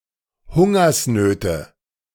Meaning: nominative/accusative/genitive plural of Hungersnot
- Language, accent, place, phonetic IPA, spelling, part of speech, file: German, Germany, Berlin, [ˈhʊŋɐsˌnøːtə], Hungersnöte, noun, De-Hungersnöte.ogg